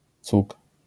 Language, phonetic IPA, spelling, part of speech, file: Polish, [t͡suk], cug, noun, LL-Q809 (pol)-cug.wav